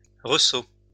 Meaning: 1. escarpment or cliff between two flatter surfaces 2. projection
- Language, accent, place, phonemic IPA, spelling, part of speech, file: French, France, Lyon, /ʁə.so/, ressaut, noun, LL-Q150 (fra)-ressaut.wav